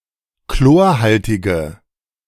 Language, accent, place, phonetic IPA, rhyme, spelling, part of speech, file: German, Germany, Berlin, [ˈkloːɐ̯ˌhaltɪɡə], -oːɐ̯haltɪɡə, chlorhaltige, adjective, De-chlorhaltige.ogg
- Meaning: inflection of chlorhaltig: 1. strong/mixed nominative/accusative feminine singular 2. strong nominative/accusative plural 3. weak nominative all-gender singular